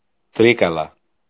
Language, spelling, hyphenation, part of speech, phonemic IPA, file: Greek, Τρίκαλα, Τρί‧κα‧λα, proper noun, /ˈtɾikala/, El-Τρίκαλα.ogg
- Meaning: Trikala (a city in Greece)